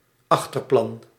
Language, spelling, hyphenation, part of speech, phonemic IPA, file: Dutch, achterplan, ach‧ter‧plan, noun, /ˈɑx.tərˌplɑn/, Nl-achterplan.ogg
- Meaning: 1. backstage 2. background